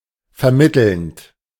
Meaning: present participle of vermitteln
- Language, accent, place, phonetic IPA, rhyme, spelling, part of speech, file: German, Germany, Berlin, [fɛɐ̯ˈmɪtl̩nt], -ɪtl̩nt, vermittelnd, verb, De-vermittelnd.ogg